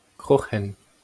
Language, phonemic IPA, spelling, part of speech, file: Breton, /ˈkʁoːχɛn/, kroc'hen, noun, LL-Q12107 (bre)-kroc'hen.wav
- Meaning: 1. skin 2. crust